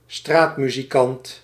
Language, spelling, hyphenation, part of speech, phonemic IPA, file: Dutch, straatmuzikant, straat‧mu‧zi‧kant, noun, /ˈstraːt.my.ziˌkɑnt/, Nl-straatmuzikant.ogg
- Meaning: street musician